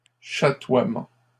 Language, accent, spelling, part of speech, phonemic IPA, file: French, Canada, chatoiement, noun, /ʃa.twa.mɑ̃/, LL-Q150 (fra)-chatoiement.wav
- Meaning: shimmer, shimmering